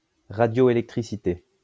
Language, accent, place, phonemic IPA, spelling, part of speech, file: French, France, Lyon, /ʁa.djɔ.e.lɛk.tʁi.si.te/, radioélectricité, noun, LL-Q150 (fra)-radioélectricité.wav
- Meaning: radioelectricity